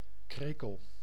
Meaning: cricket, insect of the family Gryllidae
- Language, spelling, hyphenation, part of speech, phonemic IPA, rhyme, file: Dutch, krekel, kre‧kel, noun, /ˈkreː.kəl/, -eːkəl, Nl-krekel.ogg